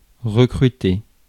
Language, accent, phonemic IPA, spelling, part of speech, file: French, France, /ʁə.kʁy.te/, recruter, verb, Fr-recruter.ogg
- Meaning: to recruit